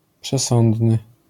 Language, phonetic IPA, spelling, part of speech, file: Polish, [pʃɛˈsɔ̃ndnɨ], przesądny, adjective, LL-Q809 (pol)-przesądny.wav